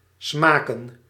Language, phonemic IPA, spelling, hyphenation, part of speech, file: Dutch, /ˈsmaː.kə(n)/, smaken, sma‧ken, verb / noun, Nl-smaken.ogg
- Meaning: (verb) 1. to taste 2. to taste good, to be likable in taste 3. to experience; to enjoy; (noun) plural of smaak